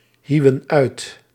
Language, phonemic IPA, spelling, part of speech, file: Dutch, /ˈhiwə(n) ˈœyt/, hieuwen uit, verb, Nl-hieuwen uit.ogg
- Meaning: inflection of uithouwen: 1. plural past indicative 2. plural past subjunctive